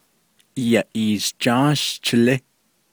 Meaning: June
- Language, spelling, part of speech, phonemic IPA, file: Navajo, Yaʼiishjááshchilí, noun, /jɑ̀ʔìːʃt͡ʃɑ́ːʃt͡ʃʰɪ̀lɪ́/, Nv-Yaʼiishjááshchilí.ogg